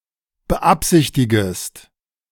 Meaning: second-person singular subjunctive I of beabsichtigen
- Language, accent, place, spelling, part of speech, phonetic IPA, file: German, Germany, Berlin, beabsichtigest, verb, [bəˈʔapzɪçtɪɡəst], De-beabsichtigest.ogg